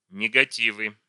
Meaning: nominative/accusative plural of негати́в (negatív)
- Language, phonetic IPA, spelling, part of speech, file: Russian, [nʲɪɡɐˈtʲivɨ], негативы, noun, Ru-негативы.ogg